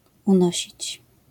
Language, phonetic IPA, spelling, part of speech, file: Polish, [ũˈnɔɕit͡ɕ], unosić, verb, LL-Q809 (pol)-unosić.wav